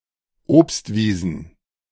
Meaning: plural of Obstwiese
- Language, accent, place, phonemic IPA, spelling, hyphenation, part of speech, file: German, Germany, Berlin, /ˈoːpstˌviːzn̩/, Obstwiesen, Obst‧wie‧sen, noun, De-Obstwiesen.ogg